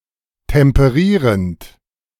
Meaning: present participle of temperieren
- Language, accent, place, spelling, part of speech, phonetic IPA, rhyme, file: German, Germany, Berlin, temperierend, verb, [tɛmpəˈʁiːʁənt], -iːʁənt, De-temperierend.ogg